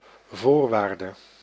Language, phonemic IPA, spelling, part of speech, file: Dutch, /ˈvoːr.ʋaːr.də/, voorwaarde, noun, Nl-voorwaarde.ogg
- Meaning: condition, requirement